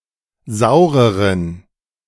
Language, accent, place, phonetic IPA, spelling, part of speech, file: German, Germany, Berlin, [ˈzaʊ̯ʁəʁən], saureren, adjective, De-saureren.ogg
- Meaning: inflection of sauer: 1. strong genitive masculine/neuter singular comparative degree 2. weak/mixed genitive/dative all-gender singular comparative degree